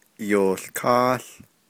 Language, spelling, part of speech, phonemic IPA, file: Navajo, yoołkááł, verb / noun, /jòːɬkɑ́ːɬ/, Nv-yoołkááł.ogg
- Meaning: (verb) 1. to become day, daytime 2. to be a date, day; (noun) day, date